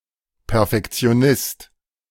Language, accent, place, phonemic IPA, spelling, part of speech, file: German, Germany, Berlin, /pɛʁfɛkt͡si̯oˈnɪst/, Perfektionist, noun, De-Perfektionist.ogg
- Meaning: perfectionist